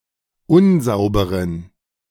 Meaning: inflection of unsauber: 1. strong genitive masculine/neuter singular 2. weak/mixed genitive/dative all-gender singular 3. strong/weak/mixed accusative masculine singular 4. strong dative plural
- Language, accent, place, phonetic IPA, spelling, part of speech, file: German, Germany, Berlin, [ˈʊnˌzaʊ̯bəʁən], unsauberen, adjective, De-unsauberen.ogg